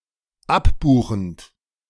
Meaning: present participle of abbuchen
- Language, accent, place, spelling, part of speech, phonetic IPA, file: German, Germany, Berlin, abbuchend, verb, [ˈapˌbuːxn̩t], De-abbuchend.ogg